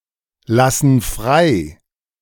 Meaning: inflection of freilassen: 1. first/third-person plural present 2. first/third-person plural subjunctive I
- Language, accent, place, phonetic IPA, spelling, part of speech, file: German, Germany, Berlin, [ˌlasn̩ ˈfʁaɪ̯], lassen frei, verb, De-lassen frei.ogg